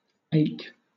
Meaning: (verb) Obsolete spelling of ache
- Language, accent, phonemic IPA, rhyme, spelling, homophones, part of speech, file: English, Southern England, /eɪk/, -eɪk, ake, ache, verb / noun, LL-Q1860 (eng)-ake.wav